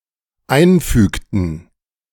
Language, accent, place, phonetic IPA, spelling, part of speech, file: German, Germany, Berlin, [ˈaɪ̯nˌfyːktn̩], einfügten, verb, De-einfügten.ogg
- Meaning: inflection of einfügen: 1. first/third-person plural dependent preterite 2. first/third-person plural dependent subjunctive II